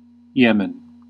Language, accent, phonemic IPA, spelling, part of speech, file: English, US, /ˈjɪmən/, Yemen, proper noun, En-us-Yemen.ogg
- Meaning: 1. A country in West Asia in the Middle East. Official name: Republic of Yemen. Capital: Sanaa 2. A region in the southern Arabian Peninsula; the Arabia Felix